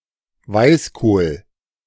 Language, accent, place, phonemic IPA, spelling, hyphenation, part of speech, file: German, Germany, Berlin, /ˈvaɪ̯sˌkoːl/, Weißkohl, Weiß‧kohl, noun, De-Weißkohl.ogg
- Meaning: white cabbage